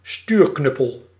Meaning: a joystick, chiefly of an aircraft
- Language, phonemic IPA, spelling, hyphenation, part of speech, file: Dutch, /ˈstyːrˌknʏ.pəl/, stuurknuppel, stuur‧knup‧pel, noun, Nl-stuurknuppel.ogg